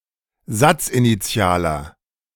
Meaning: inflection of satzinitial: 1. strong/mixed nominative masculine singular 2. strong genitive/dative feminine singular 3. strong genitive plural
- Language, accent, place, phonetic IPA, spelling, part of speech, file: German, Germany, Berlin, [ˈzat͡sʔiniˌt͡si̯aːlɐ], satzinitialer, adjective, De-satzinitialer.ogg